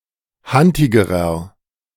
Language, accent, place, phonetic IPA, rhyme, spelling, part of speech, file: German, Germany, Berlin, [ˈhantɪɡəʁɐ], -antɪɡəʁɐ, hantigerer, adjective, De-hantigerer.ogg
- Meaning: inflection of hantig: 1. strong/mixed nominative masculine singular comparative degree 2. strong genitive/dative feminine singular comparative degree 3. strong genitive plural comparative degree